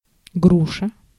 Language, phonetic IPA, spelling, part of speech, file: Russian, [ˈɡruʂə], груша, noun, Ru-груша.ogg
- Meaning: 1. pear (fruit or tree) 2. punching bag (boxing equipment of such shape)